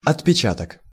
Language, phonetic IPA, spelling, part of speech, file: Russian, [ɐtpʲɪˈt͡ɕatək], отпечаток, noun, Ru-отпечаток.ogg
- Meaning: imprint, impress